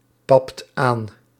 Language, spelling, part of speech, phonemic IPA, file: Dutch, papt aan, verb, /ˈpɑpt ˈan/, Nl-papt aan.ogg
- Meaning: inflection of aanpappen: 1. second/third-person singular present indicative 2. plural imperative